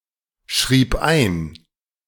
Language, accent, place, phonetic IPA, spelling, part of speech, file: German, Germany, Berlin, [ˌʃʁiːp ˈaɪ̯n], schrieb ein, verb, De-schrieb ein.ogg
- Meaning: first/third-person singular preterite of einschreiben